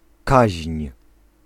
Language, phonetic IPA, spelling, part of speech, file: Polish, [kaɕɲ̊], kaźń, noun, Pl-kaźń.ogg